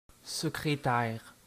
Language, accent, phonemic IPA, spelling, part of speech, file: French, Canada, /sə.kʁe.tɛʁ/, secrétaire, noun, Qc-secrétaire.ogg
- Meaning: 1. secretary 2. writing desk, secretaire